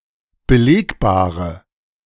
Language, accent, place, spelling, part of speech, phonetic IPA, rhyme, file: German, Germany, Berlin, belegbare, adjective, [bəˈleːkbaːʁə], -eːkbaːʁə, De-belegbare.ogg
- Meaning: inflection of belegbar: 1. strong/mixed nominative/accusative feminine singular 2. strong nominative/accusative plural 3. weak nominative all-gender singular